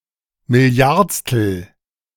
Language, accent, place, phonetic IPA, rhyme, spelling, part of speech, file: German, Germany, Berlin, [mɪˈli̯aʁt͡stl̩], -aʁt͡stl̩, milliardstel, adjective, De-milliardstel.ogg
- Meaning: billionth (thousand millionth)